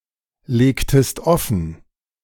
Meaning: inflection of offenlegen: 1. second-person singular preterite 2. second-person singular subjunctive II
- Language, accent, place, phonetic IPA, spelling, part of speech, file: German, Germany, Berlin, [ˌleːktəst ˈɔfn̩], legtest offen, verb, De-legtest offen.ogg